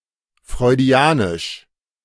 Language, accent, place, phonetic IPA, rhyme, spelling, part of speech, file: German, Germany, Berlin, [fʁɔɪ̯ˈdi̯aːnɪʃ], -aːnɪʃ, freudianisch, adjective, De-freudianisch.ogg
- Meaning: Freudian